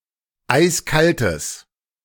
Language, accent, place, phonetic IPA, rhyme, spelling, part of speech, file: German, Germany, Berlin, [ˈaɪ̯sˈkaltəs], -altəs, eiskaltes, adjective, De-eiskaltes.ogg
- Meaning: strong/mixed nominative/accusative neuter singular of eiskalt